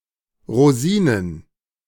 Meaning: plural of Rosine
- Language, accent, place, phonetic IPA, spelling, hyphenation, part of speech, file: German, Germany, Berlin, [ʁoˈziːnən], Rosinen, Ro‧si‧nen, noun, De-Rosinen.ogg